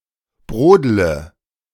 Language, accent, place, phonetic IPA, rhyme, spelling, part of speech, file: German, Germany, Berlin, [ˈbʁoːdlə], -oːdlə, brodle, verb, De-brodle.ogg
- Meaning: inflection of brodeln: 1. first-person singular present 2. first/third-person singular subjunctive I 3. singular imperative